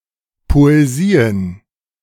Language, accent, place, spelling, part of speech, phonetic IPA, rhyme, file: German, Germany, Berlin, Poesien, noun, [ˌpoeˈziːən], -iːən, De-Poesien.ogg
- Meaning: plural of Poesie